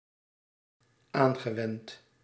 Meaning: past participle of aanwenden
- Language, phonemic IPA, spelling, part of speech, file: Dutch, /ˈaŋɣəˌwɛnt/, aangewend, verb / adjective, Nl-aangewend.ogg